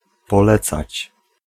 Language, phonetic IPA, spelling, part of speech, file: Polish, [pɔˈlɛt͡sat͡ɕ], polecać, verb, Pl-polecać.ogg